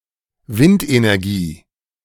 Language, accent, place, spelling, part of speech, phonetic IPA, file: German, Germany, Berlin, Windenergie, noun, [ˈvɪntʔenɛʁˌɡiː], De-Windenergie.ogg
- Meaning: wind power (power harnessed from the wind)